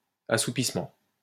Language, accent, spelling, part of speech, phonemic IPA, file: French, France, assoupissement, noun, /a.su.pis.mɑ̃/, LL-Q150 (fra)-assoupissement.wav
- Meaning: drowsiness